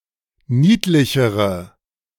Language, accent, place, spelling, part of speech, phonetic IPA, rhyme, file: German, Germany, Berlin, niedlichere, adjective, [ˈniːtlɪçəʁə], -iːtlɪçəʁə, De-niedlichere.ogg
- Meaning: inflection of niedlich: 1. strong/mixed nominative/accusative feminine singular comparative degree 2. strong nominative/accusative plural comparative degree